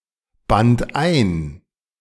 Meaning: first/third-person singular preterite of einbinden
- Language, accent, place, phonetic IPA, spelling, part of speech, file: German, Germany, Berlin, [ˌbant ˈaɪ̯n], band ein, verb, De-band ein.ogg